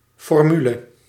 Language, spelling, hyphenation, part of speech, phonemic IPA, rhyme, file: Dutch, formule, for‧mu‧le, noun, /ˌfɔrˈmy.lə/, -ylə, Nl-formule.ogg
- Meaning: 1. formula 2. phrase, formulation